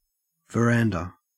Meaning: Alternative spelling of veranda
- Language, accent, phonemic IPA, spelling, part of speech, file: English, Australia, /vəˈɹændə/, verandah, noun, En-au-verandah.ogg